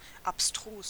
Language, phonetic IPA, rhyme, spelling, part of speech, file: German, [apˈstʁuːs], -uːs, abstrus, adjective / adverb, De-abstrus.ogg
- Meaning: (adjective) 1. difficult to follow or comprehend, abstruse 2. absurd, nonsensical, very implausible (especially of claims, ideas); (adverb) abstrusely